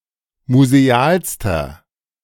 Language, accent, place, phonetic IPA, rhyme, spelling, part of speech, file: German, Germany, Berlin, [muzeˈaːlstɐ], -aːlstɐ, musealster, adjective, De-musealster.ogg
- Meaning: inflection of museal: 1. strong/mixed nominative masculine singular superlative degree 2. strong genitive/dative feminine singular superlative degree 3. strong genitive plural superlative degree